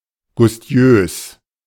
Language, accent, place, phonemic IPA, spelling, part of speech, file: German, Germany, Berlin, /ˈɡʊstjøːs/, gustiös, adjective, De-gustiös.ogg
- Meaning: appetizing